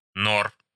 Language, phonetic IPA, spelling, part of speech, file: Russian, [ˈnor], нор, noun, Ru-нор.ogg
- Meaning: genitive plural of нора́ (norá)